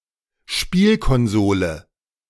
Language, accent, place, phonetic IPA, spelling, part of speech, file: German, Germany, Berlin, [ˈʃpiːlkɔnˌzoːlə], Spielkonsole, noun, De-Spielkonsole.ogg
- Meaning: game console, video game console